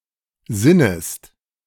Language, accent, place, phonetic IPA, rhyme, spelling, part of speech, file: German, Germany, Berlin, [ˈzɪnəst], -ɪnəst, sinnest, verb, De-sinnest.ogg
- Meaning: second-person singular subjunctive I of sinnen